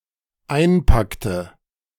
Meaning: inflection of einpacken: 1. first/third-person singular dependent preterite 2. first/third-person singular dependent subjunctive II
- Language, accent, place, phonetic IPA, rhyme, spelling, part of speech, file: German, Germany, Berlin, [ˈaɪ̯nˌpaktə], -aɪ̯npaktə, einpackte, verb, De-einpackte.ogg